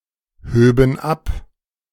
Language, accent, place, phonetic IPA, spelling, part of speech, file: German, Germany, Berlin, [ˌhøːbn̩ ˈap], höben ab, verb, De-höben ab.ogg
- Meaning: first/third-person plural subjunctive II of abheben